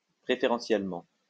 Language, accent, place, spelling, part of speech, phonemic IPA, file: French, France, Lyon, préférentiellement, adverb, /pʁe.fe.ʁɑ̃.sjɛl.mɑ̃/, LL-Q150 (fra)-préférentiellement.wav
- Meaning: preferentially